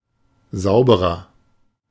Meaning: inflection of sauber: 1. strong/mixed nominative masculine singular 2. strong genitive/dative feminine singular 3. strong genitive plural
- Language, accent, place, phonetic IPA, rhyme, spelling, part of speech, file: German, Germany, Berlin, [ˈzaʊ̯bəʁɐ], -aʊ̯bəʁɐ, sauberer, adjective, De-sauberer.ogg